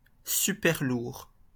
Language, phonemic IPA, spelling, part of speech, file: French, /sy.pɛʁ.luʁ/, superlourd, adjective, LL-Q150 (fra)-superlourd.wav
- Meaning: alternative form of super-lourd